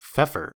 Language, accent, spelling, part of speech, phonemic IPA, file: English, US, feoffer, noun, /ˈfɛfə(ɹ)/, En-us-feoffer.ogg
- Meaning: One who enfeoffs or grants a fee